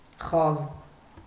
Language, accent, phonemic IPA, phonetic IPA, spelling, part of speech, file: Armenian, Eastern Armenian, /χɑz/, [χɑz], խազ, noun, Hy-խազ.ogg
- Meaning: 1. line; notch 2. note (in ancient Armenian musical notation system) 3. parting line of hair